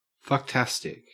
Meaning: fantastic or marvelous in a sexual way
- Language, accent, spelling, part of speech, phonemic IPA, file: English, Australia, fucktastic, adjective, /fʌkˈtæstɪk/, En-au-fucktastic.ogg